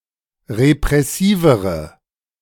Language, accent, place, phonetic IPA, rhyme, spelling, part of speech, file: German, Germany, Berlin, [ʁepʁɛˈsiːvəʁə], -iːvəʁə, repressivere, adjective, De-repressivere.ogg
- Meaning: inflection of repressiv: 1. strong/mixed nominative/accusative feminine singular comparative degree 2. strong nominative/accusative plural comparative degree